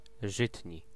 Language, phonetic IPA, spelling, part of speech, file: Polish, [ˈʒɨtʲɲi], żytni, adjective, Pl-żytni.ogg